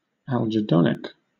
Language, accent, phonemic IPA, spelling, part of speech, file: English, Southern England, /æld͡ʒɪˈdɒnɪk/, algedonic, adjective, LL-Q1860 (eng)-algedonic.wav
- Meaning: 1. Pertaining to both pleasure and pain 2. Relating to algedonics